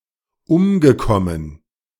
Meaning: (verb) past participle of umkommen; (adjective) killed
- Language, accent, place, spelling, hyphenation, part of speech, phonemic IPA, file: German, Germany, Berlin, umgekommen, um‧ge‧kom‧men, verb / adjective, /ˈʊmɡəˌkɔmən/, De-umgekommen.ogg